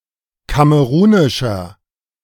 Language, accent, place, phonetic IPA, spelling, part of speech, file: German, Germany, Berlin, [ˈkaməʁuːnɪʃɐ], kamerunischer, adjective, De-kamerunischer.ogg
- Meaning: inflection of kamerunisch: 1. strong/mixed nominative masculine singular 2. strong genitive/dative feminine singular 3. strong genitive plural